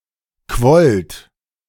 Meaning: second-person plural preterite of quellen
- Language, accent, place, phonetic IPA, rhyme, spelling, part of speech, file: German, Germany, Berlin, [kvɔlt], -ɔlt, quollt, verb, De-quollt.ogg